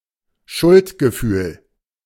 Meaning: guilt; feeling of guilt; guilt pang
- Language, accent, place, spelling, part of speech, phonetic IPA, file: German, Germany, Berlin, Schuldgefühl, noun, [ˈʃʊltɡəˌfyːl], De-Schuldgefühl.ogg